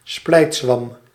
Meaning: 1. bone of contention, point of contention (cause of controversy or division) 2. bacterium
- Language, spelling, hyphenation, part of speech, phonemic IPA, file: Dutch, splijtzwam, splijt‧zwam, noun, /ˈsplɛi̯t.sʋɑm/, Nl-splijtzwam.ogg